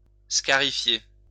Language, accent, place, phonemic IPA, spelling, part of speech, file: French, France, Lyon, /ska.ʁi.fje/, scarifier, verb, LL-Q150 (fra)-scarifier.wav
- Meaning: to scarify